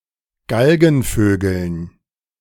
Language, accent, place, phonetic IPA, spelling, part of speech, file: German, Germany, Berlin, [ˈɡalɡn̩ˌføːɡl̩n], Galgenvögeln, noun, De-Galgenvögeln.ogg
- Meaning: dative plural of Galgenvogel